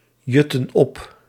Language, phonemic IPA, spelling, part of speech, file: Dutch, /ˈjʏtə(n) ˈɔp/, jutten op, verb, Nl-jutten op.ogg
- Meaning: inflection of opjutten: 1. plural present/past indicative 2. plural present/past subjunctive